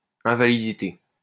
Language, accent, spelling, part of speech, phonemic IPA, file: French, France, invalidité, noun, /ɛ̃.va.li.di.te/, LL-Q150 (fra)-invalidité.wav
- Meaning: disability